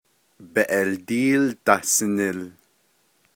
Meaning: Albuquerque (a city in New Mexico, United States)
- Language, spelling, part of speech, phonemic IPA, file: Navajo, Beeʼeldííl Dahsinil, proper noun, /pèːʔɛ̀ltíːl tɑ̀hsɪ̀nɪ̀l/, Nv-Beeʼeldííl Dahsinil.ogg